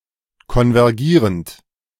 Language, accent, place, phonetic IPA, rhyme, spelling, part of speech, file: German, Germany, Berlin, [kɔnvɛʁˈɡiːʁənt], -iːʁənt, konvergierend, verb, De-konvergierend.ogg
- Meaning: present participle of konvergieren